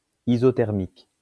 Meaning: isothermic
- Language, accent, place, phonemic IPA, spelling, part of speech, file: French, France, Lyon, /i.zɔ.tɛʁ.mik/, isothermique, adjective, LL-Q150 (fra)-isothermique.wav